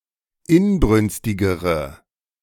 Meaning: inflection of inbrünstig: 1. strong/mixed nominative/accusative feminine singular comparative degree 2. strong nominative/accusative plural comparative degree
- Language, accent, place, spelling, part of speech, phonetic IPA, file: German, Germany, Berlin, inbrünstigere, adjective, [ˈɪnˌbʁʏnstɪɡəʁə], De-inbrünstigere.ogg